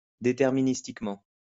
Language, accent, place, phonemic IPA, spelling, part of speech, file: French, France, Lyon, /de.tɛʁ.mi.nis.tik.mɑ̃/, déterministiquement, adverb, LL-Q150 (fra)-déterministiquement.wav
- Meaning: deterministically